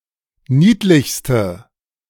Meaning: inflection of niedlich: 1. strong/mixed nominative/accusative feminine singular superlative degree 2. strong nominative/accusative plural superlative degree
- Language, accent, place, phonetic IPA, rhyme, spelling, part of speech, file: German, Germany, Berlin, [ˈniːtlɪçstə], -iːtlɪçstə, niedlichste, adjective, De-niedlichste.ogg